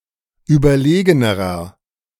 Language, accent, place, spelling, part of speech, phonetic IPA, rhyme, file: German, Germany, Berlin, überlegenerer, adjective, [ˌyːbɐˈleːɡənəʁɐ], -eːɡənəʁɐ, De-überlegenerer.ogg
- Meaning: inflection of überlegen: 1. strong/mixed nominative masculine singular comparative degree 2. strong genitive/dative feminine singular comparative degree 3. strong genitive plural comparative degree